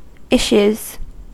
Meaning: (noun) plural of issue; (verb) third-person singular simple present indicative of issue
- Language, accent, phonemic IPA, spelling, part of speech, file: English, US, /ˈɪʃ(j)uz/, issues, noun / verb, En-us-issues.ogg